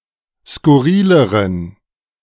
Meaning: inflection of skurril: 1. strong genitive masculine/neuter singular comparative degree 2. weak/mixed genitive/dative all-gender singular comparative degree
- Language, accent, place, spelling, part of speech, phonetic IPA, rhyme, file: German, Germany, Berlin, skurrileren, adjective, [skʊˈʁiːləʁən], -iːləʁən, De-skurrileren.ogg